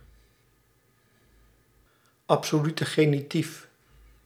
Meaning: genitive absolute
- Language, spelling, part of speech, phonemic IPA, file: Dutch, absolute genitief, noun, /ɑp.soːˌly.tə ˈɣeː.ni.tif/, Nl-absolute genitief.ogg